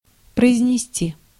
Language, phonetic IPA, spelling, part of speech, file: Russian, [prəɪzʲnʲɪˈsʲtʲi], произнести, verb, Ru-произнести.ogg
- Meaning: 1. to pronounce, to articulate 2. to deliver, to utter